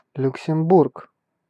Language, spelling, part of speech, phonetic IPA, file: Russian, Люксембург, proper noun, [lʲʊksʲɪmˈburk], Ru-Люксембург.ogg
- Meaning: 1. Luxembourg (a small country in Western Europe) 2. Luxembourg (a province of Wallonia, Belgium) 3. Luxembourg, Luxembourg City (the capital city of Luxembourg)